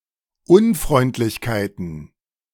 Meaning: plural of Unfreundlichkeit
- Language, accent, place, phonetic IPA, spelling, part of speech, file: German, Germany, Berlin, [ˈʊnfʁɔɪ̯ntlɪçkaɪ̯tn̩], Unfreundlichkeiten, noun, De-Unfreundlichkeiten.ogg